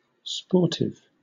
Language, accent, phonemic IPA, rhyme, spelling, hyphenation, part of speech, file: English, Southern England, /ˈspɔː(ɹ)tɪv/, -ɔː(ɹ)tɪv, sportive, spor‧tive, adjective / noun, LL-Q1860 (eng)-sportive.wav
- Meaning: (adjective) 1. Lively; merry; spritely 2. Playful, coltish 3. Interested in sport 4. Sporty, good at sport; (noun) Synonym of cyclosportive